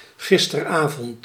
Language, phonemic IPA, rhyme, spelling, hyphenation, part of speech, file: Dutch, /ˌɣɪs.tərˈaː.vɔnt/, -aːvɔnt, gisteravond, gis‧ter‧avond, adverb, Nl-gisteravond.ogg
- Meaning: alternative form of gisterenavond